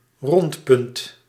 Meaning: roundabout
- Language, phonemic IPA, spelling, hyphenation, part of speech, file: Dutch, /rɔnt.pʏnt/, rondpunt, rond‧punt, noun, Nl-rondpunt.ogg